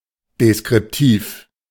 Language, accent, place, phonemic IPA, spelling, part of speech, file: German, Germany, Berlin, /deskʁɪpˈtiːf/, deskriptiv, adjective, De-deskriptiv.ogg
- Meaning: descriptive (describing)